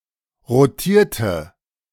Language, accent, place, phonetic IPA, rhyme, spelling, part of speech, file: German, Germany, Berlin, [ʁoˈtiːɐ̯tə], -iːɐ̯tə, rotierte, adjective / verb, De-rotierte.ogg
- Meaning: inflection of rotieren: 1. first/third-person singular preterite 2. first/third-person singular subjunctive II